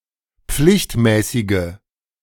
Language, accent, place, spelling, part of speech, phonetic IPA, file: German, Germany, Berlin, pflichtmäßige, adjective, [ˈp͡flɪçtˌmɛːsɪɡə], De-pflichtmäßige.ogg
- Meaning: inflection of pflichtmäßig: 1. strong/mixed nominative/accusative feminine singular 2. strong nominative/accusative plural 3. weak nominative all-gender singular